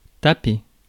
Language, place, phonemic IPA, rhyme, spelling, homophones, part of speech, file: French, Paris, /ta.pe/, -e, taper, tapai / tapé / tapée / tapées / tapés / tapez, verb, Fr-taper.ogg
- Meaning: 1. to slap, knock, beat 2. to type (use a keyboard or typewriter) 3. to ask (someone) for money, to ask to borrow some money from 4. to hit, to beat, to rap